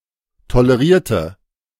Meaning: inflection of tolerieren: 1. first/third-person singular preterite 2. first/third-person singular subjunctive II
- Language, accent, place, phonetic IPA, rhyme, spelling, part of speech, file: German, Germany, Berlin, [toləˈʁiːɐ̯tə], -iːɐ̯tə, tolerierte, adjective / verb, De-tolerierte.ogg